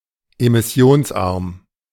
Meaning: low-emission
- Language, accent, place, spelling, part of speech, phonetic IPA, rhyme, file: German, Germany, Berlin, emissionsarm, adjective, [emɪˈsi̯oːnsˌʔaʁm], -oːnsʔaʁm, De-emissionsarm.ogg